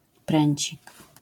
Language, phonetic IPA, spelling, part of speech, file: Polish, [ˈprɛ̃ɲt͡ɕik], pręcik, noun, LL-Q809 (pol)-pręcik.wav